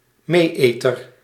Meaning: a blackhead, a comedo
- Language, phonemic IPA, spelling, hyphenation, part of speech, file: Dutch, /ˈmeːˌeː.tər/, mee-eter, mee-eter, noun, Nl-mee-eter.ogg